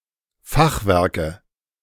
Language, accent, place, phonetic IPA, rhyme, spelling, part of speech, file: German, Germany, Berlin, [ˈfaxˌvɛʁkə], -axvɛʁkə, Fachwerke, noun, De-Fachwerke.ogg
- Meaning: nominative/accusative/genitive plural of Fachwerk